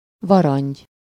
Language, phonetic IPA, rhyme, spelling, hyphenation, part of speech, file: Hungarian, [ˈvɒrɒɲɟ], -ɒɲɟ, varangy, va‧rangy, noun, Hu-varangy.ogg
- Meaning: toad